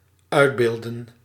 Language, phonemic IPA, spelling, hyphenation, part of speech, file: Dutch, /ˈœy̯dˌbeːl.də(n)/, uitbeeldden, uit‧beeld‧den, verb, Nl-uitbeeldden.ogg
- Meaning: inflection of uitbeelden: 1. plural dependent-clause past indicative 2. plural dependent-clause past subjunctive